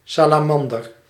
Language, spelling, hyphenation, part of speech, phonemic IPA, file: Dutch, salamander, sa‧la‧man‧der, noun, /ˌsaː.laːˈmɑn.dər/, Nl-salamander.ogg
- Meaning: salamander, amphibian of the order Caudata